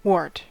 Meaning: 1. A type of deformed growth occurring on the skin caused by the human papillomavirus (HPV) 2. Any similar growth occurring in plants or animals, such as the parotoid glands in the back of toads
- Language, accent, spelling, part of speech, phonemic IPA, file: English, US, wart, noun, /wɔɹt/, En-us-wart.ogg